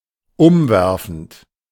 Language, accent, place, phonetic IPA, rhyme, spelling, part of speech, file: German, Germany, Berlin, [ˈʊmˌvɛʁfn̩t], -ʊmvɛʁfn̩t, umwerfend, adjective / verb, De-umwerfend.ogg
- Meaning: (verb) present participle of umwerfen; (adjective) stunning, gorgeous